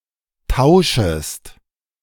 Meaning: second-person singular subjunctive I of tauschen
- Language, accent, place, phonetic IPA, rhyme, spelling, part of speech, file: German, Germany, Berlin, [ˈtaʊ̯ʃəst], -aʊ̯ʃəst, tauschest, verb, De-tauschest.ogg